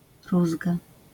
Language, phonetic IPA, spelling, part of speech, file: Polish, [ˈruzɡa], rózga, noun, LL-Q809 (pol)-rózga.wav